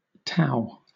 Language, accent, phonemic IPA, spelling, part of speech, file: English, Southern England, /təʊ/, tow, noun, LL-Q1860 (eng)-tow.wav
- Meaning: 1. An untwisted bundle of fibres such as cellulose acetate, flax, hemp or jute 2. The short, coarse, less desirable fibres separated by hackling from the finer longer fibres (line)